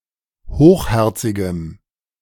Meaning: strong dative masculine/neuter singular of hochherzig
- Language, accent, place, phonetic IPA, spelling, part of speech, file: German, Germany, Berlin, [ˈhoːxˌhɛʁt͡sɪɡəm], hochherzigem, adjective, De-hochherzigem.ogg